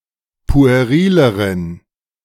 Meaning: inflection of pueril: 1. strong genitive masculine/neuter singular comparative degree 2. weak/mixed genitive/dative all-gender singular comparative degree
- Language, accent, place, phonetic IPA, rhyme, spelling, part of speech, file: German, Germany, Berlin, [pu̯eˈʁiːləʁən], -iːləʁən, puerileren, adjective, De-puerileren.ogg